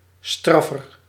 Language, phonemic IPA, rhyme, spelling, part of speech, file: Dutch, /ˈstrɑfər/, -ɑfər, straffer, adjective, Nl-straffer.ogg
- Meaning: comparative degree of straf